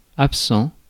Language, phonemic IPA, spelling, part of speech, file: French, /ap.sɑ̃/, absent, adjective / noun, Fr-absent.ogg
- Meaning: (adjective) 1. absent 2. absent-minded; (noun) absentee; missing person